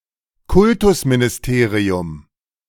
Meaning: in a German federal state, ministry of education and the arts
- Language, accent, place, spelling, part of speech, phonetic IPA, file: German, Germany, Berlin, Kultusministerium, noun, [ˈkʊltʊsminɪsˌteːʁiʊm], De-Kultusministerium.ogg